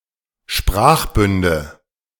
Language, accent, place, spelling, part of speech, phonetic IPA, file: German, Germany, Berlin, Sprachbünde, noun, [ˈʃpʁaːxˌbʏndə], De-Sprachbünde.ogg
- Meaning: nominative/accusative/genitive plural of Sprachbund